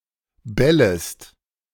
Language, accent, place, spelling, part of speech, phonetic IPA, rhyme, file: German, Germany, Berlin, bellest, verb, [ˈbɛləst], -ɛləst, De-bellest.ogg
- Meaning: second-person singular subjunctive I of bellen